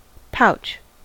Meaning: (noun) 1. A small bag usually closed with a drawstring 2. An organic pocket in which a marsupial carries its young 3. Any pocket or bag-shaped object, such as a cheek pouch
- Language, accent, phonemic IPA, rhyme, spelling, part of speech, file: English, US, /paʊt͡ʃ/, -aʊtʃ, pouch, noun / verb, En-us-pouch.ogg